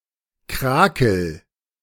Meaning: 1. singular imperative of krakeln 2. first-person singular present of krakeln
- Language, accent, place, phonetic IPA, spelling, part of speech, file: German, Germany, Berlin, [ˈkʁaːkl̩], krakel, verb, De-krakel.ogg